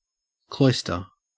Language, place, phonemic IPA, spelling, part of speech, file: English, Queensland, /ˈkloɪstə/, cloister, noun / verb, En-au-cloister.ogg
- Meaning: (noun) A covered walk with an open colonnade on one side, running along the walls of buildings that surround a quadrangle; especially: such an arcade in a monastery;